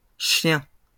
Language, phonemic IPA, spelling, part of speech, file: French, /ʃjɛ̃/, chiens, noun, LL-Q150 (fra)-chiens.wav
- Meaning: plural of chien